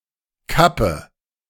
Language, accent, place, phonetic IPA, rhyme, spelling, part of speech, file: German, Germany, Berlin, [ˈkapə], -apə, kappe, verb, De-kappe.ogg
- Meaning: inflection of kappen: 1. first-person singular present 2. first/third-person singular subjunctive I 3. singular imperative